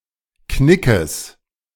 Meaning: genitive singular of Knick
- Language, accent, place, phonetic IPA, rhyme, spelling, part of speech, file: German, Germany, Berlin, [ˈknɪkəs], -ɪkəs, Knickes, noun, De-Knickes.ogg